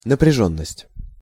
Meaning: tensity, tenseness, tension (psychological state)
- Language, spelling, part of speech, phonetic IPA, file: Russian, напряжённость, noun, [nəprʲɪˈʐonːəsʲtʲ], Ru-напряжённость.ogg